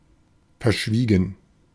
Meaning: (verb) past participle of verschweigen; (adjective) 1. reticent, tight-lipped, quiet 2. secretive 3. discreet
- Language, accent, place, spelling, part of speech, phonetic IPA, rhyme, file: German, Germany, Berlin, verschwiegen, adjective / verb, [fɛɐ̯ˈʃviːɡn̩], -iːɡn̩, De-verschwiegen.ogg